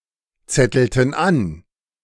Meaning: inflection of anzetteln: 1. first/third-person plural preterite 2. first/third-person plural subjunctive II
- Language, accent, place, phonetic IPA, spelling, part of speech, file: German, Germany, Berlin, [ˌt͡sɛtl̩tn̩ ˈan], zettelten an, verb, De-zettelten an.ogg